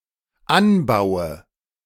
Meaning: inflection of anbauen: 1. first-person singular dependent present 2. first/third-person singular dependent subjunctive I
- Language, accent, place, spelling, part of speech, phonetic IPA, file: German, Germany, Berlin, anbaue, verb, [ˈanˌbaʊ̯ə], De-anbaue.ogg